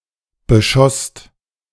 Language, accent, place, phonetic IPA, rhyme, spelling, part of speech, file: German, Germany, Berlin, [bəˈʃɔst], -ɔst, beschosst, verb, De-beschosst.ogg
- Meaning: second-person singular/plural preterite of beschießen